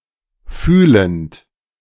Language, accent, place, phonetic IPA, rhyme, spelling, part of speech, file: German, Germany, Berlin, [ˈfyːlənt], -yːlənt, fühlend, verb, De-fühlend.ogg
- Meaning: present participle of fühlen